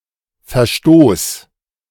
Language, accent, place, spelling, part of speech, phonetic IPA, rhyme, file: German, Germany, Berlin, Verstoß, noun, [fɛɐ̯ˈʃtoːs], -oːs, De-Verstoß.ogg
- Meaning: violation, breach, offense, infringement